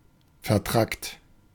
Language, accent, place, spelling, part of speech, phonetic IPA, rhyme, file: German, Germany, Berlin, vertrackt, adjective, [fɛɐ̯ˈtʁakt], -akt, De-vertrackt.ogg
- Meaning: 1. difficult, confused or tangled, complicated and difficult to manage 2. contorted, twisted, odd, or strange 3. tricky